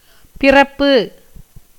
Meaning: birth
- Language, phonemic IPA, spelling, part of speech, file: Tamil, /pɪrɐpːɯ/, பிறப்பு, noun, Ta-பிறப்பு.ogg